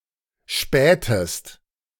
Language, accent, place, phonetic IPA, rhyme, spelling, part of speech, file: German, Germany, Berlin, [ˈʃpɛːtəst], -ɛːtəst, spähtest, verb, De-spähtest.ogg
- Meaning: inflection of spähen: 1. second-person singular preterite 2. second-person singular subjunctive II